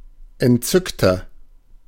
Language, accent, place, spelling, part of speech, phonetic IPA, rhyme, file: German, Germany, Berlin, entzückter, adjective, [ɛntˈt͡sʏktɐ], -ʏktɐ, De-entzückter.ogg
- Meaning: 1. comparative degree of entzückt 2. inflection of entzückt: strong/mixed nominative masculine singular 3. inflection of entzückt: strong genitive/dative feminine singular